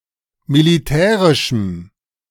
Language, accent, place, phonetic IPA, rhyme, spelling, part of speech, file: German, Germany, Berlin, [miliˈtɛːʁɪʃm̩], -ɛːʁɪʃm̩, militärischem, adjective, De-militärischem.ogg
- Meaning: strong dative masculine/neuter singular of militärisch